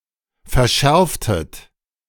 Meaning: inflection of verschärfen: 1. second-person plural preterite 2. second-person plural subjunctive II
- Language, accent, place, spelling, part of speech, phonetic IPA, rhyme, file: German, Germany, Berlin, verschärftet, verb, [fɛɐ̯ˈʃɛʁftət], -ɛʁftət, De-verschärftet.ogg